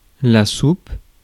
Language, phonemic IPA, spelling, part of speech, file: French, /sup/, soupe, noun / verb, Fr-soupe.ogg
- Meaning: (noun) soup; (verb) inflection of souper: 1. first/third-person singular present indicative/subjunctive 2. second-person singular imperative